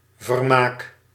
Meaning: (noun) entertainment, amusement; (verb) inflection of vermaken: 1. first-person singular present indicative 2. second-person singular present indicative 3. imperative
- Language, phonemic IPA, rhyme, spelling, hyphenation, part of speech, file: Dutch, /vərˈmaːk/, -aːk, vermaak, ver‧maak, noun / verb, Nl-vermaak.ogg